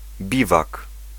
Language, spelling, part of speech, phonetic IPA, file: Polish, biwak, noun, [ˈbʲivak], Pl-biwak.ogg